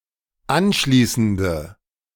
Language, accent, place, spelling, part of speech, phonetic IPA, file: German, Germany, Berlin, anschließende, adjective, [ˈanˌʃliːsn̩də], De-anschließende.ogg
- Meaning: inflection of anschließend: 1. strong/mixed nominative/accusative feminine singular 2. strong nominative/accusative plural 3. weak nominative all-gender singular